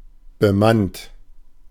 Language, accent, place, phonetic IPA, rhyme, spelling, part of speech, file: German, Germany, Berlin, [bəˈmant], -ant, bemannt, adjective / verb, De-bemannt.ogg
- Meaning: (verb) past participle of bemannen; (adjective) manned